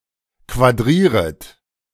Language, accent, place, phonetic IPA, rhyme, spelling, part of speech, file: German, Germany, Berlin, [kvaˈdʁiːʁət], -iːʁət, quadrieret, verb, De-quadrieret.ogg
- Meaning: second-person plural subjunctive I of quadrieren